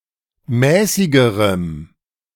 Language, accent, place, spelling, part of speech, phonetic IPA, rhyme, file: German, Germany, Berlin, mäßigerem, adjective, [ˈmɛːsɪɡəʁəm], -ɛːsɪɡəʁəm, De-mäßigerem.ogg
- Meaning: strong dative masculine/neuter singular comparative degree of mäßig